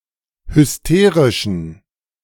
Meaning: inflection of hysterisch: 1. strong genitive masculine/neuter singular 2. weak/mixed genitive/dative all-gender singular 3. strong/weak/mixed accusative masculine singular 4. strong dative plural
- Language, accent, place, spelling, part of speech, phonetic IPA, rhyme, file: German, Germany, Berlin, hysterischen, adjective, [hʏsˈteːʁɪʃn̩], -eːʁɪʃn̩, De-hysterischen.ogg